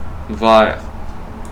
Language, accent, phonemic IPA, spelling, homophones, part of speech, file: French, Quebec, /vaɛ̯ʁ/, vert, ver / verre / verres / vers / verts / vair / vairs, noun / adjective, Qc-vert.oga
- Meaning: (noun) green; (adjective) green, environmentally friendly